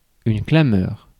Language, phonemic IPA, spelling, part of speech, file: French, /kla.mœʁ/, clameur, noun, Fr-clameur.ogg
- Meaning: outcry